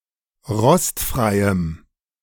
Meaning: strong dative masculine/neuter singular of rostfrei
- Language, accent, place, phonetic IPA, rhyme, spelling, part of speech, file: German, Germany, Berlin, [ˈʁɔstfʁaɪ̯əm], -ɔstfʁaɪ̯əm, rostfreiem, adjective, De-rostfreiem.ogg